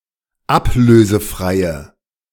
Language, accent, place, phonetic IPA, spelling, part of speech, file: German, Germany, Berlin, [ˈapløːzəˌfʁaɪ̯ə], ablösefreie, adjective, De-ablösefreie.ogg
- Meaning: inflection of ablösefrei: 1. strong/mixed nominative/accusative feminine singular 2. strong nominative/accusative plural 3. weak nominative all-gender singular